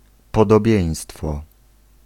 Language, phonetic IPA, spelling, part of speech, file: Polish, [ˌpɔdɔˈbʲjɛ̇̃j̃stfɔ], podobieństwo, noun, Pl-podobieństwo.ogg